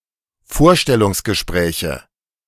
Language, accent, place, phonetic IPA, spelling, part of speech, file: German, Germany, Berlin, [ˈfoːɐ̯ʃtɛlʊŋsɡəˌʃpʁɛːçə], Vorstellungsgespräche, noun, De-Vorstellungsgespräche.ogg
- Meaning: nominative/accusative/genitive plural of Vorstellungsgespräch